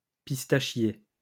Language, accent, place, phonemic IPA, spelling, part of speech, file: French, France, Lyon, /pis.ta.ʃje/, pistachier, noun, LL-Q150 (fra)-pistachier.wav
- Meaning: pistachio (shrub)